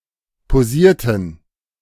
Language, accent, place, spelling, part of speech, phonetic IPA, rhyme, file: German, Germany, Berlin, posierten, verb, [poˈziːɐ̯tn̩], -iːɐ̯tn̩, De-posierten.ogg
- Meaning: inflection of posieren: 1. first/third-person plural preterite 2. first/third-person plural subjunctive II